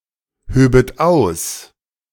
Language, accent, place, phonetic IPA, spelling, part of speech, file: German, Germany, Berlin, [ˌhøːbət ˈaʊ̯s], höbet aus, verb, De-höbet aus.ogg
- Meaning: second-person plural subjunctive II of ausheben